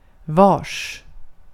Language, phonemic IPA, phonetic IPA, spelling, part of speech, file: Swedish, /vɑːrs/, [vɒ̜˔ːʂ], vars, adverb / noun / pronoun, Sv-vars.ogg
- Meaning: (adverb) where; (noun) 1. indefinite genitive plural of var 2. indefinite genitive singular of var; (pronoun) 1. whose (of whom) 2. each